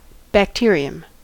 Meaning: A single-celled organism with cell walls but no nucleus or organelles
- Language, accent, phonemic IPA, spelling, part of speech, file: English, US, /bækˈtɪəɹ.ɪəm/, bacterium, noun, En-us-bacterium.ogg